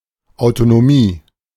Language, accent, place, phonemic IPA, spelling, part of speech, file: German, Germany, Berlin, /aʊ̯totoˈmiː/, Autotomie, noun, De-Autotomie.ogg
- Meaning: autotomy